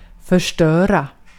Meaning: to break, to demolish; to (deliberately) make something cease working
- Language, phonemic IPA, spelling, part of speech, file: Swedish, /fœʂʈœːra/, förstöra, verb, Sv-förstöra.ogg